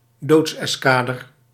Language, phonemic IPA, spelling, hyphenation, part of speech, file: Dutch, /ˈdoːts.ɛsˌkaː.dər/, doodseskader, doods‧es‧ka‧der, noun, Nl-doodseskader.ogg
- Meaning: death squad (squad that murders dissidents)